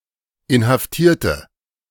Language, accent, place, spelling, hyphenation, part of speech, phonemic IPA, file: German, Germany, Berlin, Inhaftierte, In‧haf‧tier‧te, noun, /ɪnhafˈtiːɐ̯tə/, De-Inhaftierte.ogg
- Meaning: 1. female equivalent of Inhaftierter: female detainee 2. inflection of Inhaftierter: strong nominative/accusative plural 3. inflection of Inhaftierter: weak nominative singular